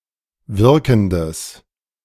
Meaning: strong/mixed nominative/accusative neuter singular of wirkend
- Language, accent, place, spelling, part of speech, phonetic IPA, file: German, Germany, Berlin, wirkendes, adjective, [ˈvɪʁkn̩dəs], De-wirkendes.ogg